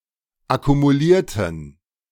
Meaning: inflection of akkumulieren: 1. first/third-person plural preterite 2. first/third-person plural subjunctive II
- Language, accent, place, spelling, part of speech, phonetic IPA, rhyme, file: German, Germany, Berlin, akkumulierten, adjective / verb, [akumuˈliːɐ̯tn̩], -iːɐ̯tn̩, De-akkumulierten.ogg